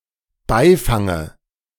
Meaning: dative singular of Beifang
- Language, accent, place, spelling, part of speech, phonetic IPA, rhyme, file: German, Germany, Berlin, Beifange, noun, [ˈbaɪ̯ˌfaŋə], -aɪ̯faŋə, De-Beifange.ogg